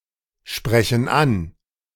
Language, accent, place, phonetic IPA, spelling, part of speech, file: German, Germany, Berlin, [ˌʃpʁɛçn̩ ˈan], sprechen an, verb, De-sprechen an.ogg
- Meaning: inflection of ansprechen: 1. first/third-person plural present 2. first/third-person plural subjunctive I